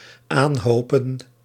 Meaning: to form a heap or mound from
- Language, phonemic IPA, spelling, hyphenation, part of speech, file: Dutch, /ˈaːnˌɦoː.pə(n)/, aanhopen, aan‧ho‧pen, verb, Nl-aanhopen.ogg